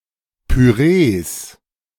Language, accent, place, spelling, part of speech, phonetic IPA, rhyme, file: German, Germany, Berlin, Pürees, noun, [pyˈʁeːs], -eːs, De-Pürees.ogg
- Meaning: plural of Püree